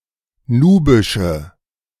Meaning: inflection of nubisch: 1. strong/mixed nominative/accusative feminine singular 2. strong nominative/accusative plural 3. weak nominative all-gender singular 4. weak accusative feminine/neuter singular
- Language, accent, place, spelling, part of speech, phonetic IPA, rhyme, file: German, Germany, Berlin, nubische, adjective, [ˈnuːbɪʃə], -uːbɪʃə, De-nubische.ogg